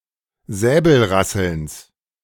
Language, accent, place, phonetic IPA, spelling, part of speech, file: German, Germany, Berlin, [ˈzɛːbl̩ˌʁasl̩ns], Säbelrasselns, noun, De-Säbelrasselns.ogg
- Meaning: genitive singular of Säbelrasseln